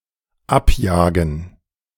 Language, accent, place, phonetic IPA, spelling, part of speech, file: German, Germany, Berlin, [ˈapˌjaːɡn̩], abjagen, verb, De-abjagen.ogg
- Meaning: to take, to snatch away, to steal